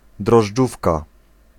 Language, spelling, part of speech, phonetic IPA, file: Polish, drożdżówka, noun, [drɔʒˈd͡ʒufka], Pl-drożdżówka.ogg